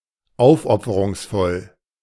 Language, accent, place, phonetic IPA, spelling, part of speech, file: German, Germany, Berlin, [ˈaʊ̯fʔɔp͡fəʁʊŋsˌfɔl], aufopferungsvoll, adjective, De-aufopferungsvoll.ogg
- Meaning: 1. sacrificial 2. devotional